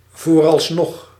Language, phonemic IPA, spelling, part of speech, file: Dutch, /ˌvorɑlsˈnɔx/, vooralsnog, adverb, Nl-vooralsnog.ogg
- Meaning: for the moment